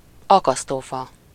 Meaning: 1. gallows (wooden framework on which persons are put to death by hanging) 2. hangman (pen & paper guessing game)
- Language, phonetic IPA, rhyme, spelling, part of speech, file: Hungarian, [ˈɒkɒstoːfɒ], -fɒ, akasztófa, noun, Hu-akasztófa.ogg